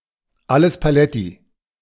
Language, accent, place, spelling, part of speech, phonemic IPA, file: German, Germany, Berlin, alles paletti, phrase, /ˈaləs ˌpaˈlɛti/, De-alles paletti.ogg
- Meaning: everything is OK